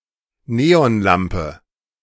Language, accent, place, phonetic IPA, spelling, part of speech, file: German, Germany, Berlin, [ˈneːɔnˌlampə], Neonlampe, noun, De-Neonlampe.ogg
- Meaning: 1. neon lamp 2. fluorescent lamp